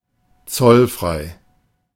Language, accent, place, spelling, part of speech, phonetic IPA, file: German, Germany, Berlin, zollfrei, adjective, [ˈt͡sɔlˌfʁaɪ̯], De-zollfrei.ogg
- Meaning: duty-free